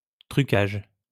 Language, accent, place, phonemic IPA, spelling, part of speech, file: French, France, Lyon, /tʁy.kaʒ/, trucage, noun, LL-Q150 (fra)-trucage.wav
- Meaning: 1. rigging, doctoring (especially fraudulent) 2. special effects